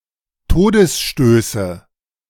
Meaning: nominative/accusative/genitive plural of Todesstoß
- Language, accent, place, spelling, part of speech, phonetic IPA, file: German, Germany, Berlin, Todesstöße, noun, [ˈtoːdəsˌʃtøːsə], De-Todesstöße.ogg